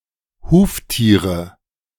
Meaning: nominative/accusative/genitive plural of Huftier
- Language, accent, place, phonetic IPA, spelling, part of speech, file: German, Germany, Berlin, [ˈhuːftiːʁə], Huftiere, noun, De-Huftiere.ogg